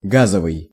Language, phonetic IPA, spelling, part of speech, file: Russian, [ˈɡazəvɨj], газовый, adjective, Ru-газовый.ogg
- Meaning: 1. gas 2. gauze